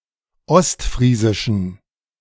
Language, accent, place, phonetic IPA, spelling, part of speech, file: German, Germany, Berlin, [ˈɔstˌfʁiːzɪʃn̩], ostfriesischen, adjective, De-ostfriesischen.ogg
- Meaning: inflection of ostfriesisch: 1. strong genitive masculine/neuter singular 2. weak/mixed genitive/dative all-gender singular 3. strong/weak/mixed accusative masculine singular 4. strong dative plural